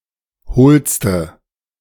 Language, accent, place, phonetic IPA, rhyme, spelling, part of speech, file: German, Germany, Berlin, [ˈhoːlstə], -oːlstə, hohlste, adjective, De-hohlste.ogg
- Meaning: inflection of hohl: 1. strong/mixed nominative/accusative feminine singular superlative degree 2. strong nominative/accusative plural superlative degree